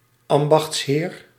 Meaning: office or a feudal lord with legal power over a district called ambacht
- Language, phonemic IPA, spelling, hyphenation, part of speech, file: Dutch, /ˈɑm.bɑxtsˌɦeːr/, ambachtsheer, am‧bachts‧heer, noun, Nl-ambachtsheer.ogg